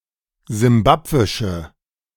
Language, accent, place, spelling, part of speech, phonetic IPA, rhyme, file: German, Germany, Berlin, simbabwische, adjective, [zɪmˈbapvɪʃə], -apvɪʃə, De-simbabwische.ogg
- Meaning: inflection of simbabwisch: 1. strong/mixed nominative/accusative feminine singular 2. strong nominative/accusative plural 3. weak nominative all-gender singular